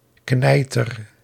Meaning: 1. head, noggin 2. biggy, jumbo
- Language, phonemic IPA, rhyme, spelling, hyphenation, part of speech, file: Dutch, /ˈknɛi̯.tər/, -ɛi̯tər, kneiter, knei‧ter, noun, Nl-kneiter.ogg